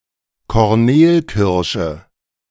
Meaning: cornel
- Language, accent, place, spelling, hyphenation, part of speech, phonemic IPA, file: German, Germany, Berlin, Kornelkirsche, Kor‧nel‧kir‧sche, noun, /kɔʁˈneːlˌkɪʁʃə/, De-Kornelkirsche.ogg